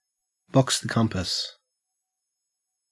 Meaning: To know, and demonstrate by reciting, the 32 points and quarter points of the magnetic compass from North or East, both clockwise and anticlockwise
- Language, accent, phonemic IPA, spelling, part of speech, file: English, Australia, /bɒks ðə ˈkʌmpəs/, box the compass, verb, En-au-box the compass.ogg